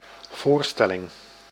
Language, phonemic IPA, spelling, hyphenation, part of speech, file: Dutch, /ˈvoːrˌstɛ.lɪŋ/, voorstelling, voor‧stel‧ling, noun, Nl-voorstelling.ogg
- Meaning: 1. show, performance 2. presentation 3. notion, idea; mental picture